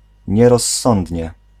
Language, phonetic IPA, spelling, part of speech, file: Polish, [ˌɲɛrɔsˈːɔ̃ndʲɲɛ], nierozsądnie, adverb, Pl-nierozsądnie.ogg